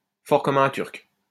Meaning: strong as an ox
- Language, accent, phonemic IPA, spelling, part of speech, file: French, France, /fɔʁ kɔm œ̃ tyʁk/, fort comme un Turc, adjective, LL-Q150 (fra)-fort comme un Turc.wav